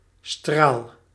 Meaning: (noun) 1. ray (a beam of light or radiation) 2. a thin stream of liquid, a jet 3. radius 4. stinger 5. frog (organ in the hoof); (adverb) obliviously, to the point of oblivion, utterly
- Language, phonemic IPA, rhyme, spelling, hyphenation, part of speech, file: Dutch, /straːl/, -aːl, straal, straal, noun / adverb / verb, Nl-straal.ogg